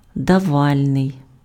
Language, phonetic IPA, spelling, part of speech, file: Ukrainian, [dɐˈʋalʲnei̯], давальний, adjective, Uk-давальний.ogg
- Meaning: dative